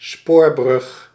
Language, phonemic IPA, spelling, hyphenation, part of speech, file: Dutch, /ˈspoːr.brʏx/, spoorbrug, spoor‧brug, noun, Nl-spoorbrug.ogg
- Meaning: railway bridge